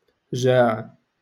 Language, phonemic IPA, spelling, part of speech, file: Moroccan Arabic, /ʒaːʕ/, جاع, verb, LL-Q56426 (ary)-جاع.wav
- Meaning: to be hungry, to starve